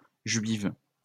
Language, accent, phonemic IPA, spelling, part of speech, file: French, France, /ʒɥiv/, juives, adjective, LL-Q150 (fra)-juives.wav
- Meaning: feminine plural of juif